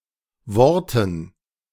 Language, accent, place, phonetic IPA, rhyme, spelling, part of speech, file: German, Germany, Berlin, [ˈvɔʁtn̩], -ɔʁtn̩, Worten, noun, De-Worten.ogg
- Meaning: dative plural of Wort